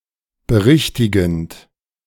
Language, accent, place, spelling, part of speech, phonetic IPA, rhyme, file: German, Germany, Berlin, berichtigend, verb, [bəˈʁɪçtɪɡn̩t], -ɪçtɪɡn̩t, De-berichtigend.ogg
- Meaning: present participle of berichtigen